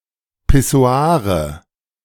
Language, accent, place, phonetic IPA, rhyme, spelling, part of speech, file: German, Germany, Berlin, [pɪˈso̯aːʁə], -aːʁə, Pissoire, noun, De-Pissoire.ogg
- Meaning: nominative/accusative/genitive plural of Pissoir